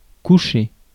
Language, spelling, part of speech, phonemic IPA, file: French, coucher, verb / noun, /ku.ʃe/, Fr-coucher.ogg
- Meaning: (verb) 1. to lay, to lay down 2. to put to bed, to put up (a lodger) 3. to go to bed 4. to set (of celestial objects) 5. to lodge, to beat down (wheat) 6. to layer (branches) 7. to slant (writing)